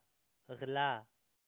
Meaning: theft
- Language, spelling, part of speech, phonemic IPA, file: Pashto, غلا, noun, /ɣlɑ/, Ps-غلا.oga